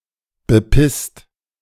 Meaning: 1. past participle of bepissen 2. inflection of bepissen: second-person singular/plural present 3. inflection of bepissen: third-person singular present 4. inflection of bepissen: plural imperative
- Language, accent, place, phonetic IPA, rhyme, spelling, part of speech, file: German, Germany, Berlin, [bəˈpɪst], -ɪst, bepisst, verb, De-bepisst.ogg